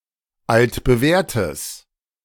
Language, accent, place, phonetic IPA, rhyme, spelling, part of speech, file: German, Germany, Berlin, [ˌaltbəˈvɛːɐ̯təs], -ɛːɐ̯təs, altbewährtes, adjective, De-altbewährtes.ogg
- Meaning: strong/mixed nominative/accusative neuter singular of altbewährt